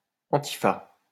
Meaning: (adjective) clipping of antifasciste
- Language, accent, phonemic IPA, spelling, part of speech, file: French, France, /ɑ̃.ti.fa/, antifa, adjective / noun, LL-Q150 (fra)-antifa.wav